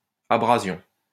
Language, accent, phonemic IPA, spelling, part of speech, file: French, France, /a.bʁa.zjɔ̃/, abrasion, noun, LL-Q150 (fra)-abrasion.wav
- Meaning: abrasion